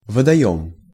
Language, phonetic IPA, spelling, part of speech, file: Russian, [vədɐˈjɵm], водоём, noun, Ru-водоём.ogg
- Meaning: water reservoir, basin, pond, body of water